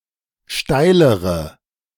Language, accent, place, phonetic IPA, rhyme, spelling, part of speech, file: German, Germany, Berlin, [ˈʃtaɪ̯ləʁə], -aɪ̯ləʁə, steilere, adjective, De-steilere.ogg
- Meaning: inflection of steil: 1. strong/mixed nominative/accusative feminine singular comparative degree 2. strong nominative/accusative plural comparative degree